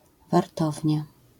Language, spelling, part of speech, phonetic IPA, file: Polish, wartownia, noun, [varˈtɔvʲɲa], LL-Q809 (pol)-wartownia.wav